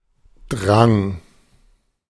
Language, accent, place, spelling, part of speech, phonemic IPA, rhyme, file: German, Germany, Berlin, Drang, noun, /dʁaŋ/, -aŋ, De-Drang.ogg
- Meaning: 1. pressure; stress 2. urge; impulse; longing